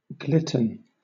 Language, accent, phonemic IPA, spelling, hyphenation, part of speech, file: English, Southern England, /ˈɡlɪtn̩/, glitten, glit‧ten, noun, LL-Q1860 (eng)-glitten.wav
- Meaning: A cross between a glove and a mitten, often in the form of a fingerless glove with an attached mitten-like flap that can be used to cover the fingers